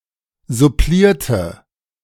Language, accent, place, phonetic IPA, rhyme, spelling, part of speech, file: German, Germany, Berlin, [zʊˈpliːɐ̯tə], -iːɐ̯tə, supplierte, adjective / verb, De-supplierte.ogg
- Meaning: inflection of supplieren: 1. first/third-person singular preterite 2. first/third-person singular subjunctive II